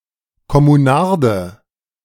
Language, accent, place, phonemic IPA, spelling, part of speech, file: German, Germany, Berlin, /kɔmuˈnaʁdə/, Kommunarde, noun, De-Kommunarde.ogg
- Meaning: communard; male person living in a (politically motivated) commune